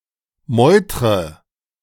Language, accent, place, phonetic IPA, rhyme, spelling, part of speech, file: German, Germany, Berlin, [ˈmɔɪ̯tʁə], -ɔɪ̯tʁə, meutre, verb, De-meutre.ogg
- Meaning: inflection of meutern: 1. first-person singular present 2. first/third-person singular subjunctive I 3. singular imperative